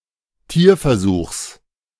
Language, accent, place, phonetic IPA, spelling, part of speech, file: German, Germany, Berlin, [ˈtiːɐ̯fɛɐ̯ˌzuːxs], Tierversuchs, noun, De-Tierversuchs.ogg
- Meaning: genitive singular of Tierversuch